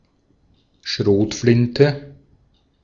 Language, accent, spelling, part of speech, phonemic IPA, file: German, Austria, Schrotflinte, noun, /ˈʃʁoːtflɪntə/, De-at-Schrotflinte.ogg
- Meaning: shotgun